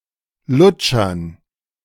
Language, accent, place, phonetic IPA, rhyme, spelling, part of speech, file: German, Germany, Berlin, [ˈlʊt͡ʃɐn], -ʊt͡ʃɐn, Lutschern, noun, De-Lutschern.ogg
- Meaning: dative plural of Lutscher